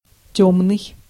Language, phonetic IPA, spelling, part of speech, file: Russian, [ˈtʲɵmnɨj], тёмный, adjective, Ru-тёмный.ogg
- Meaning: 1. dark 2. ignorant, uneducated (person) 3. obscure, vague